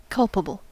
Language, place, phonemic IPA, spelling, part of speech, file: English, California, /ˈkʌlpəbəl/, culpable, adjective, En-us-culpable.ogg
- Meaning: Meriting condemnation, censure or blame, especially as something wrong, harmful or injurious; blameworthy, guilty